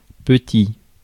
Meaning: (adjective) 1. small 2. little 3. petty; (noun) 1. small one (anything that is small) 2. little one (anything that is little) 3. little one; child (of humans or other animals)
- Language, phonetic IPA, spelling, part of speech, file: French, [p(ə)tsi], petit, adjective / noun, Fr-petit.ogg